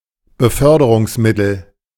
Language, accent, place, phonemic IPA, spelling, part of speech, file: German, Germany, Berlin, /bəˈfœrdərʊŋsmɪtl̩/, Beförderungsmittel, noun, De-Beförderungsmittel.ogg
- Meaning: transport, means of transport